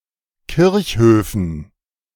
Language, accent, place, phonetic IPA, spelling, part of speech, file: German, Germany, Berlin, [ˈkɪʁçˌhøːfn̩], Kirchhöfen, noun, De-Kirchhöfen.ogg
- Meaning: dative plural of Kirchhof